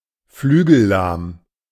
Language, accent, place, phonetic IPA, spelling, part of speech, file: German, Germany, Berlin, [ˈflyːɡl̩ˌlaːm], flügellahm, adjective, De-flügellahm.ogg
- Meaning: 1. broken-winged (e.g. of birds) 2. lacking in energy, struggling (e.g. of athletes or political entities)